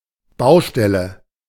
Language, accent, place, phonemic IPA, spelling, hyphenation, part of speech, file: German, Germany, Berlin, /ˈbaʊ̯ʃtɛlə/, Baustelle, Bau‧stel‧le, noun, De-Baustelle.ogg
- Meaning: 1. building site, construction site 2. matter 3. unfinished work, area that needs to be addressed